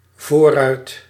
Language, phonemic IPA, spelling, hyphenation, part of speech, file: Dutch, /ˈvorœyt/, voorruit, voor‧ruit, noun, Nl-voorruit.ogg
- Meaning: windscreen, windshield